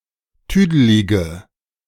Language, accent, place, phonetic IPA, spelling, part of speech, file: German, Germany, Berlin, [ˈtyːdəlɪɡə], tüdelige, adjective, De-tüdelige.ogg
- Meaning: inflection of tüdelig: 1. strong/mixed nominative/accusative feminine singular 2. strong nominative/accusative plural 3. weak nominative all-gender singular 4. weak accusative feminine/neuter singular